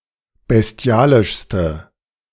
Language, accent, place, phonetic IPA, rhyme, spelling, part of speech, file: German, Germany, Berlin, [bɛsˈti̯aːlɪʃstə], -aːlɪʃstə, bestialischste, adjective, De-bestialischste.ogg
- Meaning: inflection of bestialisch: 1. strong/mixed nominative/accusative feminine singular superlative degree 2. strong nominative/accusative plural superlative degree